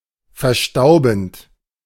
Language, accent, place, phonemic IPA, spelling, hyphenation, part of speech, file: German, Germany, Berlin, /fɛɐ̯ˈʃtaʊ̯bənt/, verstaubend, ver‧stau‧bend, verb, De-verstaubend.ogg
- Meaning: present participle of verstauben